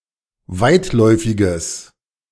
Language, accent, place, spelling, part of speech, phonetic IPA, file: German, Germany, Berlin, weitläufiges, adjective, [ˈvaɪ̯tˌlɔɪ̯fɪɡəs], De-weitläufiges.ogg
- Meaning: strong/mixed nominative/accusative neuter singular of weitläufig